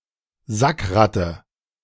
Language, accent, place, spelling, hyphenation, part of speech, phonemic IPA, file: German, Germany, Berlin, Sackratte, Sack‧rat‧te, noun, /ˈzakˌʁatə/, De-Sackratte.ogg
- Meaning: 1. crab louse 2. despicable man